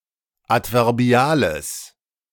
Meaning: strong/mixed nominative/accusative neuter singular of adverbial
- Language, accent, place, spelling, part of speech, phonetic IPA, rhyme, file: German, Germany, Berlin, adverbiales, adjective, [ˌatvɛʁˈbi̯aːləs], -aːləs, De-adverbiales.ogg